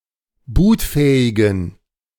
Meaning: inflection of bootfähig: 1. strong genitive masculine/neuter singular 2. weak/mixed genitive/dative all-gender singular 3. strong/weak/mixed accusative masculine singular 4. strong dative plural
- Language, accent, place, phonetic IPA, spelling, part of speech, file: German, Germany, Berlin, [ˈbuːtˌfɛːɪɡn̩], bootfähigen, adjective, De-bootfähigen.ogg